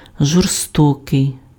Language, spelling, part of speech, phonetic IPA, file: Ukrainian, жорстокий, adjective, [ʒɔrˈstɔkei̯], Uk-жорстокий.ogg
- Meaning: 1. cruel 2. brutal, ferocious, savage